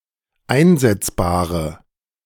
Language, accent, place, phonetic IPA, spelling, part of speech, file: German, Germany, Berlin, [ˈaɪ̯nzɛt͡sbaːʁə], einsetzbare, adjective, De-einsetzbare.ogg
- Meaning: inflection of einsetzbar: 1. strong/mixed nominative/accusative feminine singular 2. strong nominative/accusative plural 3. weak nominative all-gender singular